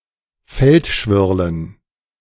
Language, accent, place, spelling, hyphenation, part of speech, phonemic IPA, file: German, Germany, Berlin, Feldschwirlen, Feld‧schwir‧len, noun, /ˈfɛltˌʃvɪʁlən/, De-Feldschwirlen.ogg
- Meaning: dative plural of Feldschwirl